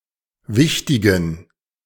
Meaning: inflection of wichtig: 1. strong genitive masculine/neuter singular 2. weak/mixed genitive/dative all-gender singular 3. strong/weak/mixed accusative masculine singular 4. strong dative plural
- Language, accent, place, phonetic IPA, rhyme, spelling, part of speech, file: German, Germany, Berlin, [ˈvɪçtɪɡn̩], -ɪçtɪɡn̩, wichtigen, adjective, De-wichtigen.ogg